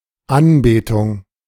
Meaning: worship
- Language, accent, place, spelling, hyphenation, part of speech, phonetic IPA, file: German, Germany, Berlin, Anbetung, An‧be‧tung, noun, [ˈanˌbeːtʊŋ], De-Anbetung.ogg